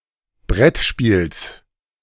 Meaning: genitive singular of Brettspiel
- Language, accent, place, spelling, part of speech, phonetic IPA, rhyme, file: German, Germany, Berlin, Brettspiels, noun, [ˈbʁɛtˌʃpiːls], -ɛtʃpiːls, De-Brettspiels.ogg